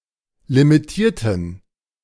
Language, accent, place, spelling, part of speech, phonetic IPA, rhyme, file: German, Germany, Berlin, limitierten, adjective / verb, [limiˈtiːɐ̯tn̩], -iːɐ̯tn̩, De-limitierten.ogg
- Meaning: inflection of limitieren: 1. first/third-person plural preterite 2. first/third-person plural subjunctive II